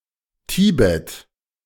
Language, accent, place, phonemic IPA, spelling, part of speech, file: German, Germany, Berlin, /ˈtiːbɛt/, Tibet, proper noun, De-Tibet.ogg
- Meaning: 1. Tibet (a geographic region in Central Asia, the homeland of the Tibetan people) 2. Tibet (an autonomous region of China)